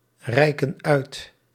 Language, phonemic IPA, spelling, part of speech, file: Dutch, /ˈrɛikə(n) ˈœyt/, reiken uit, verb, Nl-reiken uit.ogg
- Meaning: inflection of uitreiken: 1. plural present indicative 2. plural present subjunctive